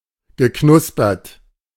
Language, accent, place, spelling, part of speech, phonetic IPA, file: German, Germany, Berlin, geknuspert, verb, [ɡəˈknʊspɐt], De-geknuspert.ogg
- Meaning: past participle of knuspern